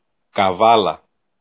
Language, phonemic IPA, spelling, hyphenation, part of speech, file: Greek, /kaˈvala/, Καβάλα, Κα‧βά‧λα, proper noun, El-Καβάλα.ogg
- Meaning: Kavala (a city in Greece)